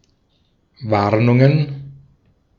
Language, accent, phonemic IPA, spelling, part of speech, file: German, Austria, /ˈvaʁnʊŋən/, Warnungen, noun, De-at-Warnungen.ogg
- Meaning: plural of Warnung